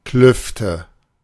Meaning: nominative/accusative/genitive plural of Kluft
- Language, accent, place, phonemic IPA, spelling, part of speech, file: German, Germany, Berlin, /ˈklʏftə/, Klüfte, noun, De-Klüfte.ogg